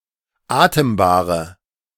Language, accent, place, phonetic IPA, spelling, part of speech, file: German, Germany, Berlin, [ˈaːtəmbaːʁə], atembare, adjective, De-atembare.ogg
- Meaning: inflection of atembar: 1. strong/mixed nominative/accusative feminine singular 2. strong nominative/accusative plural 3. weak nominative all-gender singular 4. weak accusative feminine/neuter singular